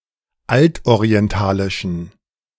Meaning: inflection of altorientalisch: 1. strong genitive masculine/neuter singular 2. weak/mixed genitive/dative all-gender singular 3. strong/weak/mixed accusative masculine singular 4. strong dative plural
- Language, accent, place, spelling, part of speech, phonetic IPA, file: German, Germany, Berlin, altorientalischen, adjective, [ˈaltʔoʁiɛnˌtaːlɪʃn̩], De-altorientalischen.ogg